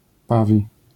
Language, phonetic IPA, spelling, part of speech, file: Polish, [ˈpavʲi], pawi, adjective / noun, LL-Q809 (pol)-pawi.wav